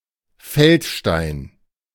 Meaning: fieldstone (stone lying about in a field or other open territory)
- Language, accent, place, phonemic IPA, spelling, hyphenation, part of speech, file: German, Germany, Berlin, /ˈfɛltˌʃtaɪ̯n/, Feldstein, Feld‧stein, noun, De-Feldstein.ogg